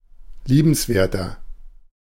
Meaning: 1. comparative degree of liebenswert 2. inflection of liebenswert: strong/mixed nominative masculine singular 3. inflection of liebenswert: strong genitive/dative feminine singular
- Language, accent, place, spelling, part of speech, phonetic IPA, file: German, Germany, Berlin, liebenswerter, adjective, [ˈliːbənsˌveːɐ̯tɐ], De-liebenswerter.ogg